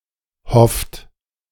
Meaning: inflection of hoffen: 1. third-person singular present 2. second-person plural present 3. plural imperative
- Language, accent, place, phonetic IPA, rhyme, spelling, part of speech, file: German, Germany, Berlin, [hɔft], -ɔft, hofft, verb, De-hofft.ogg